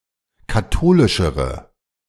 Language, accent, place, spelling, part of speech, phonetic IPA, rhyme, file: German, Germany, Berlin, katholischere, adjective, [kaˈtoːlɪʃəʁə], -oːlɪʃəʁə, De-katholischere.ogg
- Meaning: inflection of katholisch: 1. strong/mixed nominative/accusative feminine singular comparative degree 2. strong nominative/accusative plural comparative degree